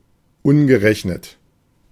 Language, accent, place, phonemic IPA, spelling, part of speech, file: German, Germany, Berlin, /ˈʊnɡəˌʁɛçnət/, ungerechnet, adjective, De-ungerechnet.ogg
- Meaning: 1. uncounted 2. unaccounted-for